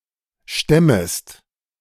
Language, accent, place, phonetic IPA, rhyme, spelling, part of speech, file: German, Germany, Berlin, [ˈʃtɛməst], -ɛməst, stemmest, verb, De-stemmest.ogg
- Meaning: second-person singular subjunctive I of stemmen